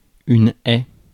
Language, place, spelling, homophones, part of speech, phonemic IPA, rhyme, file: French, Paris, haie, haies / hais / aie / aient / aies / ais / ait / es, noun, /ɛ/, -ɛ, Fr-haie.ogg
- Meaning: 1. hedge 2. obstacle: hurdle 3. obstacle: fence 4. line, row (of spectators etc.)